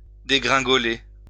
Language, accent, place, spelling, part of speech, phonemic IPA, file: French, France, Lyon, dégringoler, verb, /de.ɡʁɛ̃.ɡɔ.le/, LL-Q150 (fra)-dégringoler.wav
- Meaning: 1. to tumble, to fall down 2. to tumble, to fall (decrease) ; to tank 3. to descend quickly (stairs etc.)